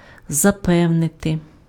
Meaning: to assure, to convince, to persuade, to reassure
- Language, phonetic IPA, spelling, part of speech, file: Ukrainian, [zɐˈpɛu̯nete], запевнити, verb, Uk-запевнити.ogg